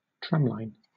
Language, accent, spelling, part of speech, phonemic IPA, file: English, Southern England, tramline, noun / verb, /ˈtɹæmlaɪn/, LL-Q1860 (eng)-tramline.wav
- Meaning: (noun) 1. The rails that a tram runs on 2. Either of the two pairs of sidelines marked on a tennis court which mark the outside of the singles and doubles playing areas